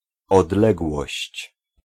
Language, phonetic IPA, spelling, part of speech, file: Polish, [ɔdˈlɛɡwɔɕt͡ɕ], odległość, noun, Pl-odległość.ogg